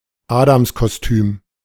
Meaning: birthday suit (circumlocutory expression for nakedness)
- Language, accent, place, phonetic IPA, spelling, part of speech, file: German, Germany, Berlin, [ˈaːdamskoˌstyːm], Adamskostüm, noun, De-Adamskostüm.ogg